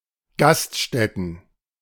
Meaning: plural of Gaststätte
- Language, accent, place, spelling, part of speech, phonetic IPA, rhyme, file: German, Germany, Berlin, Gaststätten, noun, [ˈɡastˌʃtɛtn̩], -astʃtɛtn̩, De-Gaststätten.ogg